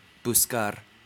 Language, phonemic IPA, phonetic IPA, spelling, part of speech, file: Spanish, /busˈkaɾ/, [busˈkaɾ], buscar, verb, Es-us-buscar.ogg